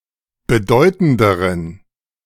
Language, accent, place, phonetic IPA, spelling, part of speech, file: German, Germany, Berlin, [bəˈdɔɪ̯tn̩dəʁən], bedeutenderen, adjective, De-bedeutenderen.ogg
- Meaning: inflection of bedeutend: 1. strong genitive masculine/neuter singular comparative degree 2. weak/mixed genitive/dative all-gender singular comparative degree